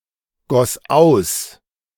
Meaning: first/third-person singular preterite of ausgießen
- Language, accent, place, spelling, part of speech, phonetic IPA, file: German, Germany, Berlin, goss aus, verb, [ˌɡɔs ˈaʊ̯s], De-goss aus.ogg